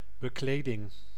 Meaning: upholstering (padding, covers, etc. found on furniture)
- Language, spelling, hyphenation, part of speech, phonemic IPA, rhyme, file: Dutch, bekleding, be‧kle‧ding, noun, /bəˈkleː.dɪŋ/, -eːdɪŋ, Nl-bekleding.ogg